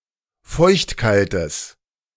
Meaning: strong/mixed nominative/accusative neuter singular of feuchtkalt
- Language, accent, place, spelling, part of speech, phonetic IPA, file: German, Germany, Berlin, feuchtkaltes, adjective, [ˈfɔɪ̯çtˌkaltəs], De-feuchtkaltes.ogg